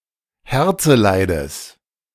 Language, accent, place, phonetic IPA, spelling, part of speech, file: German, Germany, Berlin, [ˈhɛʁt͡səˌlaɪ̯dəs], Herzeleides, noun, De-Herzeleides.ogg
- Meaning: genitive singular of Herzeleid